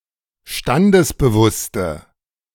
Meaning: inflection of standesbewusst: 1. strong/mixed nominative/accusative feminine singular 2. strong nominative/accusative plural 3. weak nominative all-gender singular
- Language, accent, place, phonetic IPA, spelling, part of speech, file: German, Germany, Berlin, [ˈʃtandəsbəˌvʊstə], standesbewusste, adjective, De-standesbewusste.ogg